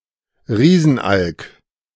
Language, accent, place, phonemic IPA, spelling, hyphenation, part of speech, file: German, Germany, Berlin, /ˈʁiːzn̩ˌʔalk/, Riesenalk, Rie‧sen‧alk, noun, De-Riesenalk.ogg
- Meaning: great auk (Pinguinus impennis)